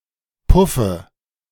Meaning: alternative form of Puff (“puff, a bulge in drapery”)
- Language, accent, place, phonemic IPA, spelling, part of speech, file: German, Germany, Berlin, /ˈpʊfə/, Puffe, noun, De-Puffe.ogg